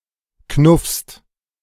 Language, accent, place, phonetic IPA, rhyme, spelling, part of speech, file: German, Germany, Berlin, [knʊfst], -ʊfst, knuffst, verb, De-knuffst.ogg
- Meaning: second-person singular present of knuffen